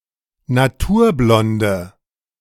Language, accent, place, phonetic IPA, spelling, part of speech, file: German, Germany, Berlin, [naˈtuːɐ̯ˌblɔndə], naturblonde, adjective, De-naturblonde.ogg
- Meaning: inflection of naturblond: 1. strong/mixed nominative/accusative feminine singular 2. strong nominative/accusative plural 3. weak nominative all-gender singular